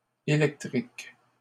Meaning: plural of électrique
- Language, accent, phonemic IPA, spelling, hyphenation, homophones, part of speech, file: French, Canada, /e.lɛk.tʁik/, électriques, é‧lec‧triques, électrique, adjective, LL-Q150 (fra)-électriques.wav